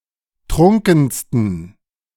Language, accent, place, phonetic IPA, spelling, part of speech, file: German, Germany, Berlin, [ˈtʁʊŋkn̩stən], trunkensten, adjective, De-trunkensten.ogg
- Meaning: 1. superlative degree of trunken 2. inflection of trunken: strong genitive masculine/neuter singular superlative degree